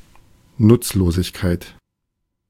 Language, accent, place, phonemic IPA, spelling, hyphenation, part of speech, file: German, Germany, Berlin, /ˈnʊtsloːzɪçkaɪ̯t/, Nutzlosigkeit, Nutz‧lo‧sig‧keit, noun, De-Nutzlosigkeit.ogg
- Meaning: uselessness